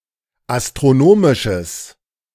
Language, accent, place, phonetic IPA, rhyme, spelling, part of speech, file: German, Germany, Berlin, [astʁoˈnoːmɪʃəs], -oːmɪʃəs, astronomisches, adjective, De-astronomisches.ogg
- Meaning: strong/mixed nominative/accusative neuter singular of astronomisch